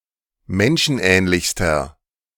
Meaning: inflection of menschenähnlich: 1. strong/mixed nominative masculine singular superlative degree 2. strong genitive/dative feminine singular superlative degree
- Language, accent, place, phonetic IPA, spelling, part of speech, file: German, Germany, Berlin, [ˈmɛnʃn̩ˌʔɛːnlɪçstɐ], menschenähnlichster, adjective, De-menschenähnlichster.ogg